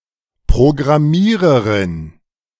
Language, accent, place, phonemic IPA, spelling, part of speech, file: German, Germany, Berlin, /pʁoɡʁaˈmiːʁɐʁɪn/, Programmiererin, noun, De-Programmiererin.ogg
- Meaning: female programmer, one who designs software